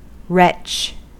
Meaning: 1. An unhappy, unfortunate, or miserable person 2. An unpleasant, annoying, worthless, or despicable person 3. An exile
- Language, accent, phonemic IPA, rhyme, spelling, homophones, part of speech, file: English, US, /ɹɛt͡ʃ/, -ɛtʃ, wretch, retch, noun, En-us-wretch.ogg